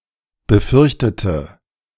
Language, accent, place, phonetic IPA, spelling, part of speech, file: German, Germany, Berlin, [bəˈfʏʁçtətə], befürchtete, adjective / verb, De-befürchtete.ogg
- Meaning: inflection of befürchten: 1. first/third-person singular preterite 2. first/third-person singular subjunctive II